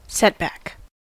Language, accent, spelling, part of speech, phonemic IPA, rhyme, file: English, US, setback, noun, /ˈsɛtbæk/, -ɛtbæk, En-us-setback.ogg
- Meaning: 1. An obstacle, delay, disadvantage, or blow (an adverse event which slows down, or prevents progress towards a desired outcome) 2. Any adverse event, defeat, or impediment of progress